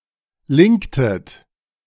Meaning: inflection of linken: 1. second-person plural preterite 2. second-person plural subjunctive II
- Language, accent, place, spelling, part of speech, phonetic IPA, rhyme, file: German, Germany, Berlin, linktet, verb, [ˈlɪŋktət], -ɪŋktət, De-linktet.ogg